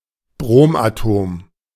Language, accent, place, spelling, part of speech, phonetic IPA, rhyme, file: German, Germany, Berlin, Bromatom, noun, [ˈbʁoːmʔaˌtoːm], -oːmʔatoːm, De-Bromatom.ogg
- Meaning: bromine atom